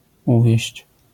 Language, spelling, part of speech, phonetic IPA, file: Polish, uwieść, verb, [ˈuvʲjɛ̇ɕt͡ɕ], LL-Q809 (pol)-uwieść.wav